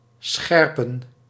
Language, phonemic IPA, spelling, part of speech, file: Dutch, /ˈsxɛrpə(n)/, scherpen, verb, Nl-scherpen.ogg
- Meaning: to sharpen